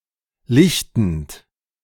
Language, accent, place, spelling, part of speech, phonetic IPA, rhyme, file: German, Germany, Berlin, lichtend, verb, [ˈlɪçtn̩t], -ɪçtn̩t, De-lichtend.ogg
- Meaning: present participle of lichten